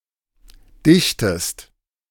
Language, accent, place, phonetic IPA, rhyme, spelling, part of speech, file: German, Germany, Berlin, [ˈdɪçtəst], -ɪçtəst, dichtest, verb, De-dichtest.ogg
- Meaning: inflection of dichten: 1. second-person singular present 2. second-person singular subjunctive I